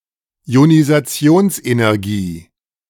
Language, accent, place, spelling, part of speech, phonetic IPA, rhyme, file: German, Germany, Berlin, Ionisationsenergie, noun, [i̯onizaˈt͡si̯oːnsʔenɛʁˌɡiː], -oːnsʔenɛʁɡiː, De-Ionisationsenergie.ogg
- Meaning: ionization energy